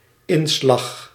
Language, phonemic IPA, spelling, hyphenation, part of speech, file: Dutch, /ˈɪn.slɑx/, inslag, in‧slag, noun, Nl-inslag.ogg
- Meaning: 1. physical impact 2. woof, weft – which is woven crosswise through the warp 3. disposition, character